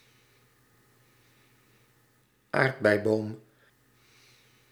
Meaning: strawberry tree (Arbutus unedo)
- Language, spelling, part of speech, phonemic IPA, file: Dutch, aardbeiboom, noun, /ˈaːrt.bɛi̯ˌboːm/, Nl-aardbeiboom.ogg